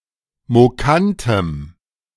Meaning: strong dative masculine/neuter singular of mokant
- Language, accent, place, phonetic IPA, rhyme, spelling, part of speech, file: German, Germany, Berlin, [moˈkantəm], -antəm, mokantem, adjective, De-mokantem.ogg